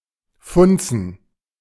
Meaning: 1. to function, to work 2. to light up (an area)
- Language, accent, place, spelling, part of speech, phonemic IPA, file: German, Germany, Berlin, funzen, verb, /ˈfʊntsən/, De-funzen.ogg